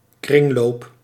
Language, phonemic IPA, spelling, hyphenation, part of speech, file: Dutch, /ˈkrɪŋ.loːp/, kringloop, kring‧loop, noun, Nl-kringloop.ogg
- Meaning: 1. cycle (iterative sequential process consisting of more than one stage) 2. short for kringloopwinkel